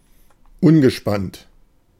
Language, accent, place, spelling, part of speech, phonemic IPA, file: German, Germany, Berlin, ungespannt, adjective, /ˈʊnɡəˌʃpant/, De-ungespannt.ogg
- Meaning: 1. untensioned, unstretched (of a canvas, springs, ropes, etc.) 2. lax (of vowels)